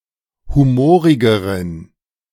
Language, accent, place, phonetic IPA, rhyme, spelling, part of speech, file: German, Germany, Berlin, [ˌhuˈmoːʁɪɡəʁən], -oːʁɪɡəʁən, humorigeren, adjective, De-humorigeren.ogg
- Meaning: inflection of humorig: 1. strong genitive masculine/neuter singular comparative degree 2. weak/mixed genitive/dative all-gender singular comparative degree